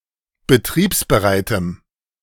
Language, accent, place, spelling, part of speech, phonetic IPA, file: German, Germany, Berlin, betriebsbereitem, adjective, [bəˈtʁiːpsbəˌʁaɪ̯təm], De-betriebsbereitem.ogg
- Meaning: strong dative masculine/neuter singular of betriebsbereit